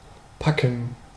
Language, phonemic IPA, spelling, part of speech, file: German, /ˈpakən/, packen, verb, De-packen.ogg
- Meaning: 1. to pack (luggage, a bundle, etc.); to get packed 2. to grab, to grip, to take 3. to manage, to stand, to cope 4. to take (a bus, train, etc.) 5. to beat it